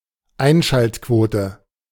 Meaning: viewership count
- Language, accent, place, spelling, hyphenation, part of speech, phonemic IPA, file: German, Germany, Berlin, Einschaltquote, Ein‧schalt‧quo‧te, noun, /ˈaɪ̯nʃaltˌkvoːtə/, De-Einschaltquote.ogg